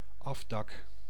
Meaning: lean-to, shelter roof; a roof over an area not fully enclosed by walls
- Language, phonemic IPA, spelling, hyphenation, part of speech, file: Dutch, /ˈɑfdɑk/, afdak, af‧dak, noun, Nl-afdak.ogg